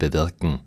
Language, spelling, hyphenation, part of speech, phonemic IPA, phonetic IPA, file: German, bewirken, be‧wir‧ken, verb, /bəˈvɪʁkən/, [bəˈvɪʁkŋ̩], De-bewirken.ogg
- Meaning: to bring about (to cause to take place)